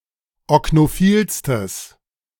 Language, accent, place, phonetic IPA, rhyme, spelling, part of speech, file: German, Germany, Berlin, [ɔknoˈfiːlstəs], -iːlstəs, oknophilstes, adjective, De-oknophilstes.ogg
- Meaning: strong/mixed nominative/accusative neuter singular superlative degree of oknophil